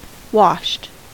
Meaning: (verb) simple past and past participle of wash; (adjective) Ellipsis of washed up
- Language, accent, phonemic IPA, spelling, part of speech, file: English, US, /wɑʃt/, washed, verb / adjective, En-us-washed.ogg